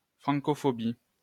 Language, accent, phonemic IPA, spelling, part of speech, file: French, France, /fʁɑ̃.kɔ.fɔ.bi/, francophobie, noun, LL-Q150 (fra)-francophobie.wav
- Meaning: Francophobia